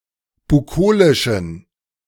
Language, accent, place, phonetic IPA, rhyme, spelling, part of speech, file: German, Germany, Berlin, [buˈkoːlɪʃn̩], -oːlɪʃn̩, bukolischen, adjective, De-bukolischen.ogg
- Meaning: inflection of bukolisch: 1. strong genitive masculine/neuter singular 2. weak/mixed genitive/dative all-gender singular 3. strong/weak/mixed accusative masculine singular 4. strong dative plural